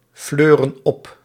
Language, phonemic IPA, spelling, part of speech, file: Dutch, /ˈflørə(n) ˈɔp/, fleuren op, verb, Nl-fleuren op.ogg
- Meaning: inflection of opfleuren: 1. plural present indicative 2. plural present subjunctive